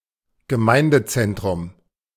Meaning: 1. parish centre (building owned by a parish or religious community providing space for communal activities, administration, etc.) 2. community centre (similar building owned by a town or city)
- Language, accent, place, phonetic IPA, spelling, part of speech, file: German, Germany, Berlin, [ɡəˈmaɪ̯ndəˌt͡sɛntʁʊm], Gemeindezentrum, noun, De-Gemeindezentrum.ogg